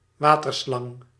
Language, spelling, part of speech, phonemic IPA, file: Dutch, waterslang, noun, /ˈwatərˌslɑŋ/, Nl-waterslang.ogg
- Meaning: water snake